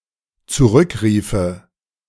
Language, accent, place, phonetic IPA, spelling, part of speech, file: German, Germany, Berlin, [t͡suˈʁʏkˌʁiːfə], zurückriefe, verb, De-zurückriefe.ogg
- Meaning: first/third-person singular dependent subjunctive II of zurückrufen